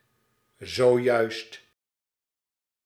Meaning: just now, just a moment ago
- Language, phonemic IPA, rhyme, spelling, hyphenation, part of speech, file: Dutch, /zoːˈjœy̯st/, -œy̯st, zojuist, zo‧juist, adverb, Nl-zojuist.ogg